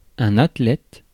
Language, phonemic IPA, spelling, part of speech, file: French, /at.lɛt/, athlète, noun, Fr-athlète.ogg
- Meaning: athlete